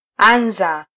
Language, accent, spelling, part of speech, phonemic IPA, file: Swahili, Kenya, anza, verb, /ˈɑ.ⁿzɑ/, Sw-ke-anza.flac
- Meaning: to begin